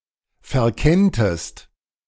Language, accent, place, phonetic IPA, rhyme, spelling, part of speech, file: German, Germany, Berlin, [fɛɐ̯ˈkɛntəst], -ɛntəst, verkenntest, verb, De-verkenntest.ogg
- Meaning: second-person singular subjunctive I of verkennen